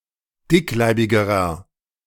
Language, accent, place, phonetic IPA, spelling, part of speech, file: German, Germany, Berlin, [ˈdɪkˌlaɪ̯bɪɡəʁɐ], dickleibigerer, adjective, De-dickleibigerer.ogg
- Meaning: inflection of dickleibig: 1. strong/mixed nominative masculine singular comparative degree 2. strong genitive/dative feminine singular comparative degree 3. strong genitive plural comparative degree